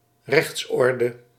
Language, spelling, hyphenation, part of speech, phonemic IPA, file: Dutch, rechtsorde, rechts‧or‧de, noun, /ˈrɛxtsˌɔr.də/, Nl-rechtsorde.ogg
- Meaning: legal order